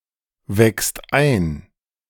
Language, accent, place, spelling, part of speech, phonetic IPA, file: German, Germany, Berlin, weckst ein, verb, [ˌvɛkst ˈaɪ̯n], De-weckst ein.ogg
- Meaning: second-person singular present of einwecken